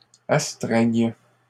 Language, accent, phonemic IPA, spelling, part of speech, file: French, Canada, /as.tʁɛɲ/, astreigne, verb, LL-Q150 (fra)-astreigne.wav
- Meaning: first/third-person singular present subjunctive of astreindre